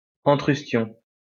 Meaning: antrustion
- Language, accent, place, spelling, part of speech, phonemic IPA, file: French, France, Lyon, antrustion, noun, /ɑ̃.tʁys.tjɔ̃/, LL-Q150 (fra)-antrustion.wav